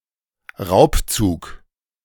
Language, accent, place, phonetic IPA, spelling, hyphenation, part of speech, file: German, Germany, Berlin, [ˈʁaʊ̯pˌt͡suːk], Raubzug, Raub‧zug, noun, De-Raubzug.ogg
- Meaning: 1. raid 2. heist